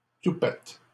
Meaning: 1. tuft (of hair) 2. toupee 3. cheek, nerve
- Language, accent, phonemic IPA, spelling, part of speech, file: French, Canada, /tu.pɛt/, toupet, noun, LL-Q150 (fra)-toupet.wav